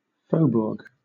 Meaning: An outlying part of a city or town, beyond the walls; a suburb, especially of Paris, New Orleans, Montreal, or Quebec City
- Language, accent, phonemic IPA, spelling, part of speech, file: English, Southern England, /ˈfəʊbʊəɡ/, faubourg, noun, LL-Q1860 (eng)-faubourg.wav